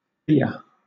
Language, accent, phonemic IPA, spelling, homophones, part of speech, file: English, Southern England, /bɪə/, bere, beer / bier, noun, LL-Q1860 (eng)-bere.wav
- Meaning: Barley, especially four-rowed barley or six-rowed barley